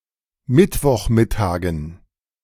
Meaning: dative plural of Mittwochmittag
- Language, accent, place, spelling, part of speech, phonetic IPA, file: German, Germany, Berlin, Mittwochmittagen, noun, [ˈmɪtvɔxˌmɪtaːɡn̩], De-Mittwochmittagen.ogg